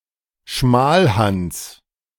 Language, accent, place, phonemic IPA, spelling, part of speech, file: German, Germany, Berlin, /ˈʃmaːlˌhans/, Schmalhans, noun, De-Schmalhans.ogg
- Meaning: someone who is miserly and avaricious